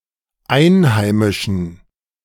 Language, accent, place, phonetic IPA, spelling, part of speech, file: German, Germany, Berlin, [ˈaɪ̯nˌhaɪ̯mɪʃn̩], einheimischen, adjective, De-einheimischen.ogg
- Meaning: inflection of einheimisch: 1. strong genitive masculine/neuter singular 2. weak/mixed genitive/dative all-gender singular 3. strong/weak/mixed accusative masculine singular 4. strong dative plural